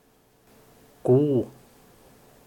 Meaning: The seventeenth letter of the Finnish alphabet, called kuu and written in the Latin script
- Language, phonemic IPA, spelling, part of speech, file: Finnish, /k/, q, character, Fi-q.ogg